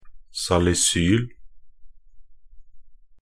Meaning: salicylic acid (a white crystalline organic acid, 2-hydroxybenzoic acid, C6H4(OH)(COOH), used in the production of aspirin and other industrial chemicals.)
- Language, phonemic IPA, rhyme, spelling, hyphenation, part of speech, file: Norwegian Bokmål, /salɪˈsyːl/, -yːl, salisyl, sa‧li‧syl, noun, Nb-salisyl.ogg